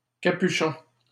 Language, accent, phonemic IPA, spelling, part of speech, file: French, Canada, /ka.py.ʃɔ̃/, capuchon, noun, LL-Q150 (fra)-capuchon.wav
- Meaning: 1. a hood, which may be attached to a cape, permanently or detachable 2. certain resembling objects